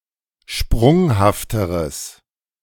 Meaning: strong/mixed nominative/accusative neuter singular comparative degree of sprunghaft
- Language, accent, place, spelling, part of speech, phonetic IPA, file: German, Germany, Berlin, sprunghafteres, adjective, [ˈʃpʁʊŋhaftəʁəs], De-sprunghafteres.ogg